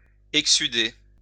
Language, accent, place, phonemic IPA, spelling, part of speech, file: French, France, Lyon, /ɛk.sy.de/, exsuder, verb, LL-Q150 (fra)-exsuder.wav
- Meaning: to exude